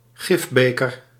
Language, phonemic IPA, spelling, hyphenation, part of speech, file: Dutch, /ˈɣɪfˌbeː.kər/, gifbeker, gif‧be‧ker, noun, Nl-gifbeker.ogg
- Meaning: 1. a poisoned chalice, a chalice that contains a poison 2. a poisoned chalice (something that causes death or serious harm, frequently initially seen as beneficial)